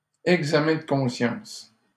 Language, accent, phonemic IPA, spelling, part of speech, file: French, Canada, /ɛɡ.za.mɛ̃ d(ə) kɔ̃.sjɑ̃s/, examen de conscience, noun, LL-Q150 (fra)-examen de conscience.wav
- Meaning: 1. examination of conscience 2. soul-searching, self-reflection